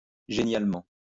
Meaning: brilliantly, superbly
- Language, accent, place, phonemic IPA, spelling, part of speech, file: French, France, Lyon, /ʒe.njal.mɑ̃/, génialement, adverb, LL-Q150 (fra)-génialement.wav